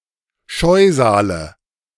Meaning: nominative/accusative/genitive plural of Scheusal
- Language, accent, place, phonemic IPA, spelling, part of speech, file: German, Germany, Berlin, /ˈʃɔɪ̯zaːlə/, Scheusale, noun, De-Scheusale.ogg